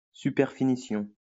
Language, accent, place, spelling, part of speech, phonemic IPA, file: French, France, Lyon, superfinition, noun, /sy.pɛʁ.fi.ni.sjɔ̃/, LL-Q150 (fra)-superfinition.wav
- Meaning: superfinishing